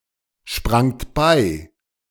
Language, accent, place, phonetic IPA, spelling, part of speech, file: German, Germany, Berlin, [ˌʃpʁaŋt ˈbaɪ̯], sprangt bei, verb, De-sprangt bei.ogg
- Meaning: second-person plural preterite of beispringen